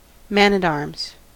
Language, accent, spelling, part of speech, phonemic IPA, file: English, US, man-at-arms, noun, /ˌmæn‿ət‿ˈɑː(ɹ)mz/, En-us-man-at-arms.ogg
- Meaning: A heavily-armed mounted member of medieval cavalry